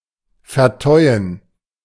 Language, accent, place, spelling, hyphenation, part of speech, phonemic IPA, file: German, Germany, Berlin, vertäuen, ver‧täu‧en, verb, /fɛɐ̯ˈtɔɪ̯ən/, De-vertäuen.ogg
- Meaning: to moor